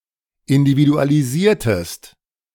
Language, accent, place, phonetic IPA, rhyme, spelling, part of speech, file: German, Germany, Berlin, [ɪndividualiˈziːɐ̯təst], -iːɐ̯təst, individualisiertest, verb, De-individualisiertest.ogg
- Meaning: inflection of individualisieren: 1. second-person singular preterite 2. second-person singular subjunctive II